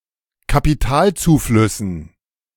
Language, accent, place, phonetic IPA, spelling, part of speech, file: German, Germany, Berlin, [kapiˈtaːlt͡suːˌflʏsn̩], Kapitalzuflüssen, noun, De-Kapitalzuflüssen.ogg
- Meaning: dative plural of Kapitalzufluss